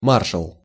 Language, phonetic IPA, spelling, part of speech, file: Russian, [ˈmarʂəɫ], маршал, noun, Ru-маршал.ogg
- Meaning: marshal